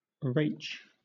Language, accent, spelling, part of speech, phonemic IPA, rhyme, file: English, Southern England, Rach, proper noun, /ɹeɪt͡ʃ/, -eɪt͡ʃ, LL-Q1860 (eng)-Rach.wav
- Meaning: A diminutive of the female given name Rachel